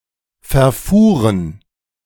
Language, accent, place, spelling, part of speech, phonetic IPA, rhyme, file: German, Germany, Berlin, verfuhren, verb, [fɛɐ̯ˈfuːʁən], -uːʁən, De-verfuhren.ogg
- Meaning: first/third-person plural preterite of verfahren